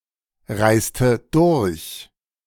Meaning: inflection of durchreisen: 1. first/third-person singular preterite 2. first/third-person singular subjunctive II
- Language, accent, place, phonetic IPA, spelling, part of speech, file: German, Germany, Berlin, [ˌʁaɪ̯stə ˈdʊʁç], reiste durch, verb, De-reiste durch.ogg